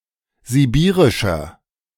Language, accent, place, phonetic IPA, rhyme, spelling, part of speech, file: German, Germany, Berlin, [ziˈbiːʁɪʃɐ], -iːʁɪʃɐ, sibirischer, adjective, De-sibirischer.ogg
- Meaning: 1. comparative degree of sibirisch 2. inflection of sibirisch: strong/mixed nominative masculine singular 3. inflection of sibirisch: strong genitive/dative feminine singular